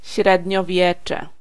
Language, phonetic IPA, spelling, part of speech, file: Polish, [ˌɕrɛdʲɲɔˈvʲjɛt͡ʃɛ], średniowiecze, noun, Pl-średniowiecze.ogg